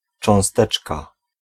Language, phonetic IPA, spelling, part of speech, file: Polish, [t͡ʃɔ̃w̃ˈstɛt͡ʃka], cząsteczka, noun, Pl-cząsteczka.ogg